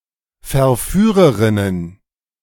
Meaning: plural of Verführerin
- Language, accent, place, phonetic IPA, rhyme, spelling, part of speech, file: German, Germany, Berlin, [fɛɐ̯ˈfyːʁəʁɪnən], -yːʁəʁɪnən, Verführerinnen, noun, De-Verführerinnen.ogg